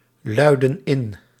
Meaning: inflection of inluiden: 1. plural present indicative 2. plural present subjunctive
- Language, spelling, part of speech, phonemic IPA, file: Dutch, luiden in, verb, /ˈlœydə(n) ˈɪn/, Nl-luiden in.ogg